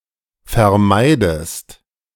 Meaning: inflection of vermeiden: 1. second-person singular present 2. second-person singular subjunctive I
- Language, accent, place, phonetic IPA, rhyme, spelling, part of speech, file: German, Germany, Berlin, [fɛɐ̯ˈmaɪ̯dəst], -aɪ̯dəst, vermeidest, verb, De-vermeidest.ogg